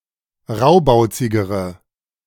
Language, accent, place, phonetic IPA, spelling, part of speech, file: German, Germany, Berlin, [ˈʁaʊ̯baʊ̯t͡sɪɡəʁə], raubauzigere, adjective, De-raubauzigere.ogg
- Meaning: inflection of raubauzig: 1. strong/mixed nominative/accusative feminine singular comparative degree 2. strong nominative/accusative plural comparative degree